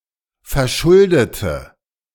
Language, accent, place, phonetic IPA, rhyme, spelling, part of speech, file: German, Germany, Berlin, [fɛɐ̯ˈʃʊldətə], -ʊldətə, verschuldete, adjective / verb, De-verschuldete.ogg
- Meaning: inflection of verschuldet: 1. strong/mixed nominative/accusative feminine singular 2. strong nominative/accusative plural 3. weak nominative all-gender singular